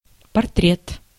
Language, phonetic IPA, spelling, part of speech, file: Russian, [pɐrˈtrʲet], портрет, noun, Ru-портрет.ogg
- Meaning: 1. portrait, picture 2. portrayal (of), picture (of), description (of)